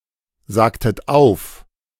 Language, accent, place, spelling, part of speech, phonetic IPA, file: German, Germany, Berlin, sagtet auf, verb, [ˌzaːktət ˈaʊ̯f], De-sagtet auf.ogg
- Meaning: inflection of aufsagen: 1. second-person plural preterite 2. second-person plural subjunctive II